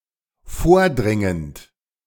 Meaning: present participle of vordringen
- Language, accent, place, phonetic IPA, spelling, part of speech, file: German, Germany, Berlin, [ˈfoːɐ̯ˌdʁɪŋənt], vordringend, verb, De-vordringend.ogg